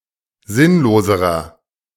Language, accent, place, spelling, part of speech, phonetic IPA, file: German, Germany, Berlin, sinnloserer, adjective, [ˈzɪnloːzəʁɐ], De-sinnloserer.ogg
- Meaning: inflection of sinnlos: 1. strong/mixed nominative masculine singular comparative degree 2. strong genitive/dative feminine singular comparative degree 3. strong genitive plural comparative degree